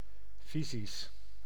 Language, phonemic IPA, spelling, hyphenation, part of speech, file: Dutch, /ˈfi.zis/, fysisch, fy‧sisch, adjective, Nl-fysisch.ogg
- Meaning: 1. physical, having to do with matter, nature, the material world 2. having to do with physics, the natural science